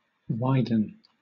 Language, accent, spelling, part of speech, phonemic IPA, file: English, Southern England, widen, verb, /ˈwaɪdn̩/, LL-Q1860 (eng)-widen.wav
- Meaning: 1. To become wide or wider 2. To make wide or wider 3. To let out clothes to a larger size 4. To broaden or extend in scope or range